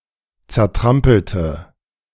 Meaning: inflection of zertrampeln: 1. first/third-person singular preterite 2. first/third-person singular subjunctive II
- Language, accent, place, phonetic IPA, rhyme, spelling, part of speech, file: German, Germany, Berlin, [t͡sɛɐ̯ˈtʁampl̩tə], -ampl̩tə, zertrampelte, adjective / verb, De-zertrampelte.ogg